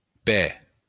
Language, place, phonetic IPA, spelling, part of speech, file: Occitan, Béarn, [pɛ], pè, noun, LL-Q14185 (oci)-pè.wav
- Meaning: foot